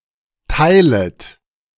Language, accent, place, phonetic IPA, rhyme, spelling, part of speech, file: German, Germany, Berlin, [ˈtaɪ̯lət], -aɪ̯lət, teilet, verb, De-teilet.ogg
- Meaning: second-person plural subjunctive I of teilen